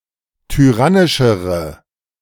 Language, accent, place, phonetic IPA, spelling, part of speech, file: German, Germany, Berlin, [tyˈʁanɪʃəʁə], tyrannischere, adjective, De-tyrannischere.ogg
- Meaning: inflection of tyrannisch: 1. strong/mixed nominative/accusative feminine singular comparative degree 2. strong nominative/accusative plural comparative degree